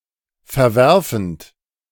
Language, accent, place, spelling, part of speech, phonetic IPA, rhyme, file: German, Germany, Berlin, verwerfend, verb, [fɛɐ̯ˈvɛʁfn̩t], -ɛʁfn̩t, De-verwerfend.ogg
- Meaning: present participle of verwerfen